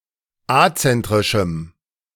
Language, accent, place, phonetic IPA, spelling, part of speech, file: German, Germany, Berlin, [ˈat͡sɛntʁɪʃm̩], azentrischem, adjective, De-azentrischem.ogg
- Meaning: strong dative masculine/neuter singular of azentrisch